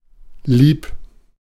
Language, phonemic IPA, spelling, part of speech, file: German, /liːp/, lieb, adjective, De-lieb.ogg
- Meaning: 1. lovable; dear; darling; sweet; good-hearted; kind 2. good; well-behaved 3. dear